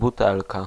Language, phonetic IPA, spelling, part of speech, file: Polish, [buˈtɛlka], butelka, noun, Pl-butelka.ogg